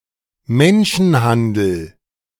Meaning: human trafficking
- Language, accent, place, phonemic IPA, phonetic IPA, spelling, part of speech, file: German, Germany, Berlin, /ˈmɛnʃənˌhandəl/, [ˈmɛn.ʃn̩ˌhan.dl̩], Menschenhandel, noun, De-Menschenhandel.ogg